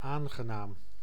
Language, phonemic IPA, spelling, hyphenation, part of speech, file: Dutch, /ˈaːn.ɣəˌnaːm/, aangenaam, aan‧ge‧naam, adjective / phrase, Nl-aangenaam.ogg
- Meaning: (adjective) nice, pleasant, friendly; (phrase) nice to meet you, pleased to meet you